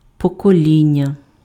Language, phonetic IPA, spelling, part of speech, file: Ukrainian, [pɔkoˈlʲinʲːɐ], покоління, noun, Uk-покоління.ogg
- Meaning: generation